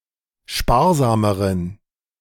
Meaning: inflection of sparsam: 1. strong genitive masculine/neuter singular comparative degree 2. weak/mixed genitive/dative all-gender singular comparative degree
- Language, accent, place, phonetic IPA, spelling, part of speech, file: German, Germany, Berlin, [ˈʃpaːɐ̯ˌzaːməʁən], sparsameren, adjective, De-sparsameren.ogg